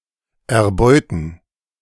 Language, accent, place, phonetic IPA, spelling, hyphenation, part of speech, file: German, Germany, Berlin, [ɛɐ̯ˈbɔɪ̯tn̩], erbeuten, er‧beu‧ten, verb, De-erbeuten.ogg
- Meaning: 1. to plunder 2. to prey on